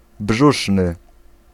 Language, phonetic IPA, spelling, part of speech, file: Polish, [ˈbʒuʃnɨ], brzuszny, adjective, Pl-brzuszny.ogg